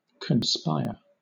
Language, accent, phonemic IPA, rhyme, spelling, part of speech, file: English, Southern England, /kənˈspaɪə(ɹ)/, -aɪə(ɹ), conspire, verb, LL-Q1860 (eng)-conspire.wav
- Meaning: 1. To secretly plot or make plans together, often with the intention to bring bad or illegal results; to collude, to connive, to plot 2. To agree, to concur to one end